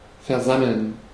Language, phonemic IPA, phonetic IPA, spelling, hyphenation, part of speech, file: German, /fɛʁˈzaməln/, [fɛɐ̯ˈzaml̩n], versammeln, ver‧sam‧meln, verb, De-versammeln.ogg
- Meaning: 1. to gather, to assemble (a group of people for an event, meeting etc.) 2. to gather (at a location)